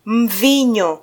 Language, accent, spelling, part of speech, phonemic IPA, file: Swahili, Kenya, mvinyo, noun, /ˈᶬvi.ɲɔ/, Sw-ke-mvinyo.flac
- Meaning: 1. wine 2. spirits